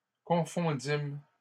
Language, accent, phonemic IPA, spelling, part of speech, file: French, Canada, /kɔ̃.fɔ̃.dim/, confondîmes, verb, LL-Q150 (fra)-confondîmes.wav
- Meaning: first-person plural past historic of confondre